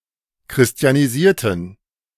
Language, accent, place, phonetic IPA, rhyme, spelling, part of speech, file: German, Germany, Berlin, [kʁɪsti̯aniˈziːɐ̯tn̩], -iːɐ̯tn̩, christianisierten, adjective / verb, De-christianisierten.ogg
- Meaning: inflection of christianisieren: 1. first/third-person plural preterite 2. first/third-person plural subjunctive II